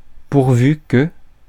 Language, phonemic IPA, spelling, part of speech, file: French, /puʁ.vy kə/, pourvu que, conjunction, Fr-pourvu que.ogg
- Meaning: 1. let's hope (that) 2. provided (that), as long as